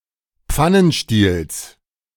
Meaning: genitive singular of Pfannenstiel
- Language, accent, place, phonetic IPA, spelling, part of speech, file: German, Germany, Berlin, [ˈp͡fanənˌʃtiːls], Pfannenstiels, noun, De-Pfannenstiels.ogg